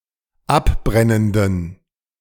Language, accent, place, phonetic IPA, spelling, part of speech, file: German, Germany, Berlin, [ˈapˌbʁɛnəndn̩], abbrennenden, adjective, De-abbrennenden.ogg
- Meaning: inflection of abbrennend: 1. strong genitive masculine/neuter singular 2. weak/mixed genitive/dative all-gender singular 3. strong/weak/mixed accusative masculine singular 4. strong dative plural